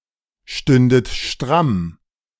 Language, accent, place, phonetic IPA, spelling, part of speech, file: German, Germany, Berlin, [ˌʃtʏndət ˈʃtʁam], stündet stramm, verb, De-stündet stramm.ogg
- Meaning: second-person plural subjunctive II of strammstehen